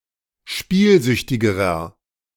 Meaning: inflection of spielsüchtig: 1. strong/mixed nominative masculine singular comparative degree 2. strong genitive/dative feminine singular comparative degree 3. strong genitive plural comparative degree
- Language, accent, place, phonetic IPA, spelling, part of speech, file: German, Germany, Berlin, [ˈʃpiːlˌzʏçtɪɡəʁɐ], spielsüchtigerer, adjective, De-spielsüchtigerer.ogg